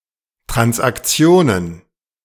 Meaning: plural of Transaktion
- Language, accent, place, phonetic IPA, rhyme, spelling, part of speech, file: German, Germany, Berlin, [tʁansʔakˈt͡si̯oːnən], -oːnən, Transaktionen, noun, De-Transaktionen.ogg